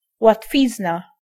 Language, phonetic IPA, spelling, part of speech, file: Polish, [watˈfʲizna], łatwizna, noun, Pl-łatwizna.ogg